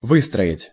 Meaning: 1. to build 2. to line up, to draw up, to form up 3. to arrange 4. to build, to develop
- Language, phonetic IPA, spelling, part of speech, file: Russian, [ˈvɨstrəɪtʲ], выстроить, verb, Ru-выстроить.ogg